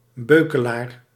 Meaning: a small round shield used for parrying; a buckler
- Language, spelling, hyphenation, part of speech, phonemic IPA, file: Dutch, beukelaar, beu‧ke‧laar, noun, /ˈbøːkəlaːr/, Nl-beukelaar.ogg